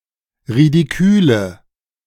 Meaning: inflection of ridikül: 1. strong/mixed nominative/accusative feminine singular 2. strong nominative/accusative plural 3. weak nominative all-gender singular 4. weak accusative feminine/neuter singular
- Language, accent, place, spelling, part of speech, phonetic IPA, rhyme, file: German, Germany, Berlin, ridiküle, adjective, [ʁidiˈkyːlə], -yːlə, De-ridiküle.ogg